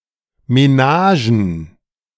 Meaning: plural of Menage
- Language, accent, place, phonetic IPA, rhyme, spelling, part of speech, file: German, Germany, Berlin, [meˈnaːʒn̩], -aːʒn̩, Menagen, noun, De-Menagen.ogg